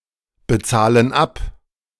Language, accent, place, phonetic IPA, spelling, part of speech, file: German, Germany, Berlin, [bəˌt͡saːlən ˈap], bezahlen ab, verb, De-bezahlen ab.ogg
- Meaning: inflection of abbezahlen: 1. first/third-person plural present 2. first/third-person plural subjunctive I